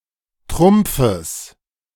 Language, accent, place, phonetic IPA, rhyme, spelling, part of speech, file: German, Germany, Berlin, [ˈtʁʊmp͡fəs], -ʊmp͡fəs, Trumpfes, noun, De-Trumpfes.ogg
- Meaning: genitive singular of Trumpf